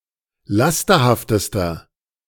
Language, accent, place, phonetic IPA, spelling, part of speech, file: German, Germany, Berlin, [ˈlastɐhaftəstɐ], lasterhaftester, adjective, De-lasterhaftester.ogg
- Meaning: inflection of lasterhaft: 1. strong/mixed nominative masculine singular superlative degree 2. strong genitive/dative feminine singular superlative degree 3. strong genitive plural superlative degree